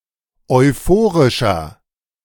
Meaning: inflection of euphorisch: 1. strong/mixed nominative masculine singular 2. strong genitive/dative feminine singular 3. strong genitive plural
- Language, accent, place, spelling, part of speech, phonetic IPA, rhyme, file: German, Germany, Berlin, euphorischer, adjective, [ɔɪ̯ˈfoːʁɪʃɐ], -oːʁɪʃɐ, De-euphorischer.ogg